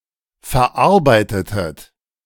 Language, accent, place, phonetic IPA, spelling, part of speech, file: German, Germany, Berlin, [fɛɐ̯ˈʔaʁbaɪ̯tətət], verarbeitetet, verb, De-verarbeitetet.ogg
- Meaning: inflection of verarbeiten: 1. second-person plural preterite 2. second-person plural subjunctive II